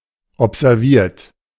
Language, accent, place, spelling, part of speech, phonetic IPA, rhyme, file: German, Germany, Berlin, observiert, verb, [ɔpzɛʁˈviːɐ̯t], -iːɐ̯t, De-observiert.ogg
- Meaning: 1. past participle of observieren 2. inflection of observieren: third-person singular present 3. inflection of observieren: second-person plural present 4. inflection of observieren: plural imperative